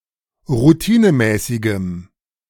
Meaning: strong dative masculine/neuter singular of routinemäßig
- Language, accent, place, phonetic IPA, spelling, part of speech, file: German, Germany, Berlin, [ʁuˈtiːnəˌmɛːsɪɡəm], routinemäßigem, adjective, De-routinemäßigem.ogg